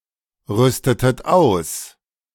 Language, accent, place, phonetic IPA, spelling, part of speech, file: German, Germany, Berlin, [ˌʁʏstətət ˈaʊ̯s], rüstetet aus, verb, De-rüstetet aus.ogg
- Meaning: inflection of ausrüsten: 1. second-person plural preterite 2. second-person plural subjunctive II